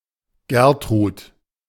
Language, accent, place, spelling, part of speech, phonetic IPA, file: German, Germany, Berlin, Gertrud, proper noun, [ˈɡɛʁtʁuːt], De-Gertrud.ogg
- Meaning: a female given name from Old High German